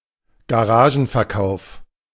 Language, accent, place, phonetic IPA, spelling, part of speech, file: German, Germany, Berlin, [ɡaˈʁaːʒn̩fɛɐ̯ˌkaʊ̯f], Garagenverkauf, noun, De-Garagenverkauf.ogg
- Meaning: garage sale